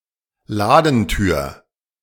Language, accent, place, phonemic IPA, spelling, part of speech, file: German, Germany, Berlin, /ˈlaːdəntyːɐ̯/, Ladentür, noun, De-Ladentür.ogg
- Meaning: shop door